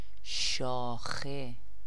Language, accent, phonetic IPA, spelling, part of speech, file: Persian, Iran, [ʃɒː.xe], شاخه, noun, Fa-شاخه.ogg
- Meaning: 1. branch (of a tree) 2. arm 3. phylum